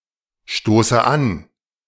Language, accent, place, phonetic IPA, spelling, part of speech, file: German, Germany, Berlin, [ˌʃtoːsə ˈan], stoße an, verb, De-stoße an.ogg
- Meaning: inflection of anstoßen: 1. first-person singular present 2. first/third-person singular subjunctive I 3. singular imperative